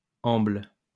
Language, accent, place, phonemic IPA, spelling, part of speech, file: French, France, Lyon, /ɑ̃bl/, amble, verb, LL-Q150 (fra)-amble.wav
- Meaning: inflection of ambler: 1. first/third-person singular present indicative/subjunctive 2. second-person singular imperative